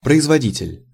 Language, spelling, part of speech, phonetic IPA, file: Russian, производитель, noun, [prəɪzvɐˈdʲitʲɪlʲ], Ru-производитель.ogg
- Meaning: 1. manufacturer (one who manufactures) 2. stud (male animal used for breeding)